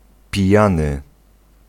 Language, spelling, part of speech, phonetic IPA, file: Polish, pijany, adjective / noun / verb, [pʲiˈjãnɨ], Pl-pijany.ogg